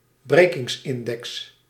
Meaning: refractive index
- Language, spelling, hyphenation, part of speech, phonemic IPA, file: Dutch, brekingsindex, bre‧kings‧in‧dex, noun, /ˈbreː.kɪŋsˌɪn.dɛks/, Nl-brekingsindex.ogg